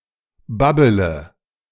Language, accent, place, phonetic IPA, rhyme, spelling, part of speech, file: German, Germany, Berlin, [ˈbabələ], -abələ, babbele, verb, De-babbele.ogg
- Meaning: inflection of babbeln: 1. first-person singular present 2. first/third-person singular subjunctive I 3. singular imperative